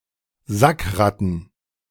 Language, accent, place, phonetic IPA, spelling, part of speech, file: German, Germany, Berlin, [ˈzakˌʁatn̩], Sackratten, noun, De-Sackratten.ogg
- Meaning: plural of Sackratte